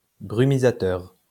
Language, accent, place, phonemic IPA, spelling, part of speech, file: French, France, Lyon, /bʁy.mi.za.tœʁ/, brumisateur, noun, LL-Q150 (fra)-brumisateur.wav
- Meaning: atomizer, spray